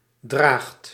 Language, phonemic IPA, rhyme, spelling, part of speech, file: Dutch, /draːxt/, -aːxt, draagt, verb, Nl-draagt.ogg
- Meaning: inflection of dragen: 1. second/third-person singular present indicative 2. plural imperative